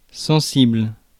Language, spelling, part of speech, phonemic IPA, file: French, sensible, adjective / noun, /sɑ̃.sibl/, Fr-sensible.ogg
- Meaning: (adjective) sensitive; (noun) leading tone